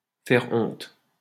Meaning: to embarrass, to disgrace, to make (someone) feel ashamed, to bring shame upon
- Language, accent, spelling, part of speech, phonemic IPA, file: French, France, faire honte, verb, /fɛʁ ɔ̃t/, LL-Q150 (fra)-faire honte.wav